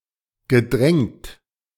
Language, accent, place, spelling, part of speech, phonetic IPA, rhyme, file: German, Germany, Berlin, gedrängt, verb, [ɡəˈdʁɛŋt], -ɛŋt, De-gedrängt.ogg
- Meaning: past participle of drängen